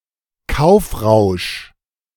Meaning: spending spree
- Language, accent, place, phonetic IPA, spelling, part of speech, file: German, Germany, Berlin, [ˈkaʊ̯fˌʁaʊ̯ʃ], Kaufrausch, noun, De-Kaufrausch.ogg